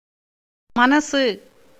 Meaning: 1. alternative form of மனது (maṉatu) 2. Spoken Tamil form of மனது (maṉatu)
- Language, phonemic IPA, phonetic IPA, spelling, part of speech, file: Tamil, /mɐnɐtʃɯ/, [mɐnɐsɯ], மனசு, noun, Ta-மனசு.ogg